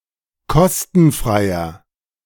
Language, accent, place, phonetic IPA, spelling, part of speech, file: German, Germany, Berlin, [ˈkɔstn̩ˌfʁaɪ̯ɐ], kostenfreier, adjective, De-kostenfreier.ogg
- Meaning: inflection of kostenfrei: 1. strong/mixed nominative masculine singular 2. strong genitive/dative feminine singular 3. strong genitive plural